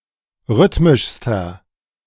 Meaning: inflection of rhythmisch: 1. strong/mixed nominative masculine singular superlative degree 2. strong genitive/dative feminine singular superlative degree 3. strong genitive plural superlative degree
- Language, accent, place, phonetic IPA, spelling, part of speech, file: German, Germany, Berlin, [ˈʁʏtmɪʃstɐ], rhythmischster, adjective, De-rhythmischster.ogg